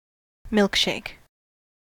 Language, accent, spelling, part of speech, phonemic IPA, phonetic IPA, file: English, US, milkshake, noun / verb, /ˈmɪlk.ʃeɪk/, [ˈmɪɫk.ʃeɪk], En-us-milkshake.ogg
- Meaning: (noun) A thick beverage consisting of milk and ice cream mixed together, often with fruit, chocolate, or other flavoring